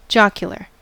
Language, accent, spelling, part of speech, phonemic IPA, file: English, US, jocular, adjective, /ˈd͡ʒɑkjəlɚ/, En-us-jocular.ogg
- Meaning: Humorous, amusing or joking